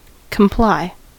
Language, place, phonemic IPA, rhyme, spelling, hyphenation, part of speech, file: English, California, /kəmˈplaɪ/, -aɪ, comply, com‧ply, verb, En-us-comply.ogg
- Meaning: 1. To yield assent; to accord; to acquiesce, agree, consent; to adapt oneself, to conform 2. To accomplish, to fulfil 3. To be ceremoniously courteous; to make one's compliments